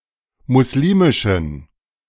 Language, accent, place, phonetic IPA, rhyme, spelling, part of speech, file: German, Germany, Berlin, [mʊsˈliːmɪʃn̩], -iːmɪʃn̩, muslimischen, adjective, De-muslimischen.ogg
- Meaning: inflection of muslimisch: 1. strong genitive masculine/neuter singular 2. weak/mixed genitive/dative all-gender singular 3. strong/weak/mixed accusative masculine singular 4. strong dative plural